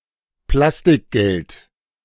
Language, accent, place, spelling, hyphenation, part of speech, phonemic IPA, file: German, Germany, Berlin, Plastikgeld, Plas‧tik‧geld, noun, /ˈplastɪkˌɡɛlt/, De-Plastikgeld.ogg
- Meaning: plastic money; credit card or debit card